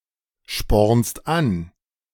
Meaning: second-person singular present of anspornen
- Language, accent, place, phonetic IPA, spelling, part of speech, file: German, Germany, Berlin, [ˌʃpɔʁnst ˈan], spornst an, verb, De-spornst an.ogg